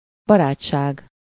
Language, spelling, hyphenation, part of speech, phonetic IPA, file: Hungarian, barátság, ba‧rát‧ság, noun, [ˈbɒraːt͡ʃːaːɡ], Hu-barátság.ogg
- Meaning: friendship